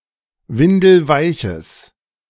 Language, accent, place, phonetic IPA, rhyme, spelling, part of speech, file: German, Germany, Berlin, [ˈvɪndl̩ˈvaɪ̯çəs], -aɪ̯çəs, windelweiches, adjective, De-windelweiches.ogg
- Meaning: strong/mixed nominative/accusative neuter singular of windelweich